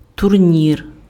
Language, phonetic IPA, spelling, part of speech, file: Ukrainian, [tʊrˈnʲir], турнір, noun, Uk-турнір.ogg
- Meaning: 1. tournament 2. tournament, tourney